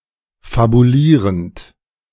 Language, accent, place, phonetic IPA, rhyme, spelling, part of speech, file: German, Germany, Berlin, [fabuˈliːʁənt], -iːʁənt, fabulierend, verb, De-fabulierend.ogg
- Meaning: present participle of fabulieren